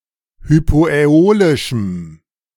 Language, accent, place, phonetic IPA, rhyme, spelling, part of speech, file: German, Germany, Berlin, [hypoʔɛˈoːlɪʃm̩], -oːlɪʃm̩, hypoäolischem, adjective, De-hypoäolischem.ogg
- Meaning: strong dative masculine/neuter singular of hypoäolisch